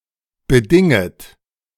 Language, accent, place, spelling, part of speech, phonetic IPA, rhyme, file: German, Germany, Berlin, bedinget, verb, [bəˈdɪŋət], -ɪŋət, De-bedinget.ogg
- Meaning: second-person plural subjunctive I of bedingen